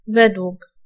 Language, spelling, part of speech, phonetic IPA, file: Polish, według, preposition, [ˈvɛdwuk], Pl-według.ogg